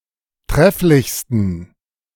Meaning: 1. superlative degree of trefflich 2. inflection of trefflich: strong genitive masculine/neuter singular superlative degree
- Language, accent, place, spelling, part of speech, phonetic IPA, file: German, Germany, Berlin, trefflichsten, adjective, [ˈtʁɛflɪçstn̩], De-trefflichsten.ogg